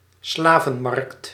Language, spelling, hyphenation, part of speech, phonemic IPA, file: Dutch, slavenmarkt, sla‧ven‧markt, noun, /ˈslaː.vəˌmɑrkt/, Nl-slavenmarkt.ogg
- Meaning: a slave market